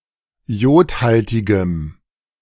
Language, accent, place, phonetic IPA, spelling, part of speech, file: German, Germany, Berlin, [ˈjoːtˌhaltɪɡəm], jodhaltigem, adjective, De-jodhaltigem.ogg
- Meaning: strong dative masculine/neuter singular of jodhaltig